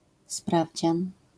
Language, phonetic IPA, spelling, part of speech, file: Polish, [ˈspravʲd͡ʑãn], sprawdzian, noun, LL-Q809 (pol)-sprawdzian.wav